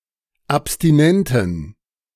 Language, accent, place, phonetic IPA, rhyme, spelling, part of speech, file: German, Germany, Berlin, [apstiˈnɛntn̩], -ɛntn̩, abstinenten, adjective, De-abstinenten.ogg
- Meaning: inflection of abstinent: 1. strong genitive masculine/neuter singular 2. weak/mixed genitive/dative all-gender singular 3. strong/weak/mixed accusative masculine singular 4. strong dative plural